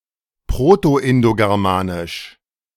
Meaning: Proto-Indo-Germanic
- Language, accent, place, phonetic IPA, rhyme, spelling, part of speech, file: German, Germany, Berlin, [ˌpʁotoʔɪndoɡɛʁˈmaːnɪʃ], -aːnɪʃ, proto-indogermanisch, adjective, De-proto-indogermanisch.ogg